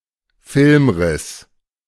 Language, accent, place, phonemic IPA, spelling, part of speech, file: German, Germany, Berlin, /ˈfɪlmˌʁɪs/, Filmriss, noun, De-Filmriss.ogg
- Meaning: 1. blackout (temporary loss of memory, typically drug-related) 2. blackout (temporary loss of consciousness) 3. film break